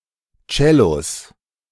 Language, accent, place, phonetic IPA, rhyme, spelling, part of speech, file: German, Germany, Berlin, [ˈt͡ʃɛlos], -ɛlos, Cellos, noun, De-Cellos.ogg
- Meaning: 1. genitive singular of Cello 2. plural of Cello